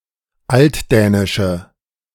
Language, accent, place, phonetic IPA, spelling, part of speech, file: German, Germany, Berlin, [ˈaltˌdɛːnɪʃə], altdänische, adjective, De-altdänische.ogg
- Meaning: inflection of altdänisch: 1. strong/mixed nominative/accusative feminine singular 2. strong nominative/accusative plural 3. weak nominative all-gender singular